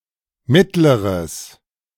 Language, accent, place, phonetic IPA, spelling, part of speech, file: German, Germany, Berlin, [ˈmɪtləʁəs], mittleres, adjective, De-mittleres.ogg
- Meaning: 1. strong/mixed nominative/accusative neuter singular of mittlerer 2. strong/mixed nominative/accusative neuter singular comparative degree of mittel